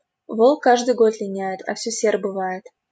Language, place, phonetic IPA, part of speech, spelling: Russian, Saint Petersburg, [voɫk ˈkaʐdɨj ɡot lʲɪˈnʲæ(j)ɪt | ɐ‿ˈfsʲɵ sʲer bɨˈva(j)ɪt], proverb, волк каждый год линяет, а всё сер бывает
- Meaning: the wolf may lose his teeth but never his nature, a leopard cannot change its spots